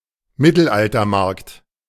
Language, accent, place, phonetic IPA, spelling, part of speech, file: German, Germany, Berlin, [ˈmɪtl̩ʔaltɐˌmaʁkt], Mittelaltermarkt, noun, De-Mittelaltermarkt.ogg
- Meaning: "medieval market", partly staged similar to Renaissance fairs